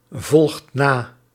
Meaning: inflection of navolgen: 1. second/third-person singular present indicative 2. plural imperative
- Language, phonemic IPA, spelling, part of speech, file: Dutch, /ˈvɔlᵊxt ˈna/, volgt na, verb, Nl-volgt na.ogg